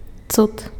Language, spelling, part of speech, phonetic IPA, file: Belarusian, цуд, noun, [t͡sut], Be-цуд.ogg
- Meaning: a marvel, a wonder